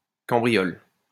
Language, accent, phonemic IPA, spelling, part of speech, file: French, France, /kɑ̃.bʁi.jɔl/, cambriole, verb, LL-Q150 (fra)-cambriole.wav
- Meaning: inflection of cambrioler: 1. first/third-person singular present indicative/subjunctive 2. second-person singular imperative